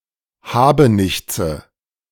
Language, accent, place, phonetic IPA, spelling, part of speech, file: German, Germany, Berlin, [ˈhaːbəˌnɪçt͡sə], Habenichtse, noun, De-Habenichtse.ogg
- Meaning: nominative/accusative/genitive plural of Habenichts